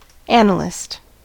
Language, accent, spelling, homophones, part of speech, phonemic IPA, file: English, US, analyst, annalist, noun, /ˈænəlɪst/, En-us-analyst.ogg
- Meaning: 1. Someone who analyzes 2. Someone who is an analytical thinker 3. A mathematician who studies real analysis 4. A systems analyst 5. A practitioner of psychoanalysis